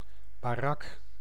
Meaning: 1. barracks (housing for (garrisoned) soldiers) 2. barrack (building used for housing in a (concentration) camp) 3. shed, shelter
- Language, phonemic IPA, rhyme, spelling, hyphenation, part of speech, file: Dutch, /baːˈrɑk/, -ɑk, barak, ba‧rak, noun, Nl-barak.ogg